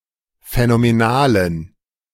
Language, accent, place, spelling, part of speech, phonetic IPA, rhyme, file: German, Germany, Berlin, phänomenalen, adjective, [fɛnomeˈnaːlən], -aːlən, De-phänomenalen.ogg
- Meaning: inflection of phänomenal: 1. strong genitive masculine/neuter singular 2. weak/mixed genitive/dative all-gender singular 3. strong/weak/mixed accusative masculine singular 4. strong dative plural